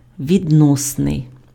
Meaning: relative
- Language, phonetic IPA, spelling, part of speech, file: Ukrainian, [ʋʲidˈnɔsnei̯], відносний, adjective, Uk-відносний.ogg